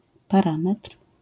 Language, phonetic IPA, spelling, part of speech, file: Polish, [paˈrãmɛtr̥], parametr, noun, LL-Q809 (pol)-parametr.wav